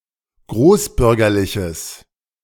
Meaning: strong/mixed nominative/accusative neuter singular of großbürgerlich
- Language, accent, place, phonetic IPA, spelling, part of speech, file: German, Germany, Berlin, [ˈɡʁoːsˌbʏʁɡɐlɪçəs], großbürgerliches, adjective, De-großbürgerliches.ogg